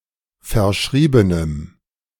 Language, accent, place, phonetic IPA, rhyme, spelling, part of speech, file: German, Germany, Berlin, [fɛɐ̯ˈʃʁiːbənəm], -iːbənəm, verschriebenem, adjective, De-verschriebenem.ogg
- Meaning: strong dative masculine/neuter singular of verschrieben